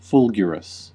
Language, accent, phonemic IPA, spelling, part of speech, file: English, US, /ˈfʊl.ɡɪə.ɹəs/, fulgurous, adjective, En-us-fulgurous.ogg
- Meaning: 1. Resembling a lightning flash; fulgurant 2. Full of lightning